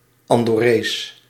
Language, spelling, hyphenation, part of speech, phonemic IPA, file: Dutch, Andorrees, An‧dor‧rees, noun / adjective, /ɑndɔˈreːs/, Nl-Andorrees.ogg
- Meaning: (noun) Andorran (person from Andorra); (adjective) Andorran (of, from, or pertaining to Andorra, the Andorran people)